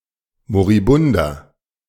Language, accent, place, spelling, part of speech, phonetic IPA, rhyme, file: German, Germany, Berlin, moribunder, adjective, [moʁiˈbʊndɐ], -ʊndɐ, De-moribunder.ogg
- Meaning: inflection of moribund: 1. strong/mixed nominative masculine singular 2. strong genitive/dative feminine singular 3. strong genitive plural